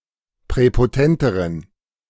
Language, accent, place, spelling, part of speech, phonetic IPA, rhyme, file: German, Germany, Berlin, präpotenteren, adjective, [pʁɛpoˈtɛntəʁən], -ɛntəʁən, De-präpotenteren.ogg
- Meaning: inflection of präpotent: 1. strong genitive masculine/neuter singular comparative degree 2. weak/mixed genitive/dative all-gender singular comparative degree